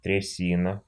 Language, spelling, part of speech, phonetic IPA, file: Russian, трясина, noun, [trʲɪˈsʲinə], Ru-тряси́на.ogg
- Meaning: quag, quagmire